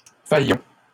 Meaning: first-person plural present indicative of faillir
- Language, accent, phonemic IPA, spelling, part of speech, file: French, Canada, /fa.jɔ̃/, faillons, verb, LL-Q150 (fra)-faillons.wav